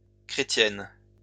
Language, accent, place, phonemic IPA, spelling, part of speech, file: French, France, Lyon, /kʁe.tjɛn/, chrétiennes, adjective, LL-Q150 (fra)-chrétiennes.wav
- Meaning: feminine plural of chrétien